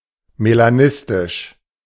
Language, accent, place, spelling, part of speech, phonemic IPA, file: German, Germany, Berlin, melanistisch, adjective, /melaˈnɪstɪʃ/, De-melanistisch.ogg
- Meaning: melanistic